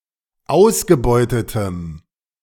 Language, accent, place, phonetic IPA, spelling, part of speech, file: German, Germany, Berlin, [ˈaʊ̯sɡəˌbɔɪ̯tətəm], ausgebeutetem, adjective, De-ausgebeutetem.ogg
- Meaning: strong dative masculine/neuter singular of ausgebeutet